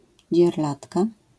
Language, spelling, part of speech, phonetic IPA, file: Polish, dzierlatka, noun, [d͡ʑɛrˈlatka], LL-Q809 (pol)-dzierlatka.wav